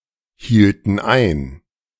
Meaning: inflection of einhalten: 1. first/third-person plural preterite 2. first/third-person plural subjunctive II
- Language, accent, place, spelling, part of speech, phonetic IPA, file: German, Germany, Berlin, hielten ein, verb, [ˌhiːltn̩ ˈaɪ̯n], De-hielten ein.ogg